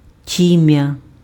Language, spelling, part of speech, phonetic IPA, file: Ukrainian, тім'я, noun, [ˈtʲimjɐ], Uk-тім'я.ogg
- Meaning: crown of the head